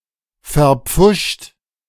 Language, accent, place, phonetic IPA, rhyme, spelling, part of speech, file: German, Germany, Berlin, [fɛɐ̯ˈp͡fʊʃt], -ʊʃt, verpfuscht, verb, De-verpfuscht.ogg
- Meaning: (verb) past participle of verpfuschen; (adjective) botched, bungled